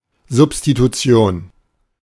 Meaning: substitution, replacement
- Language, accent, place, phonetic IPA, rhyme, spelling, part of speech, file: German, Germany, Berlin, [zʊpstituˈt͡si̯oːn], -oːn, Substitution, noun, De-Substitution.ogg